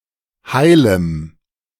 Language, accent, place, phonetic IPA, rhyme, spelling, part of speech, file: German, Germany, Berlin, [ˈhaɪ̯ləm], -aɪ̯ləm, heilem, adjective, De-heilem.ogg
- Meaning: strong dative masculine/neuter singular of heil